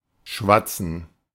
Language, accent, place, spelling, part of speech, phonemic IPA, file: German, Germany, Berlin, schwatzen, verb, /ˈʃvatsən/, De-schwatzen.ogg
- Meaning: to babble, waffle, prattle, chat